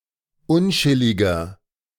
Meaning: inflection of unchillig: 1. strong/mixed nominative masculine singular 2. strong genitive/dative feminine singular 3. strong genitive plural
- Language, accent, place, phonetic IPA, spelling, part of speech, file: German, Germany, Berlin, [ˈʊnˌt͡ʃɪlɪɡɐ], unchilliger, adjective, De-unchilliger.ogg